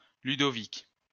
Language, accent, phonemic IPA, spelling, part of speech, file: French, France, /ly.dɔ.vik/, Ludovic, proper noun, LL-Q150 (fra)-Ludovic.wav
- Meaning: a male given name